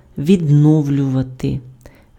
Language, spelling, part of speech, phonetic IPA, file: Ukrainian, відновлювати, verb, [ʋʲidˈnɔu̯lʲʊʋɐte], Uk-відновлювати.ogg
- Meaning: 1. to renew, to resume, to recommence 2. to restore, to reestablish, to reinstate, to revive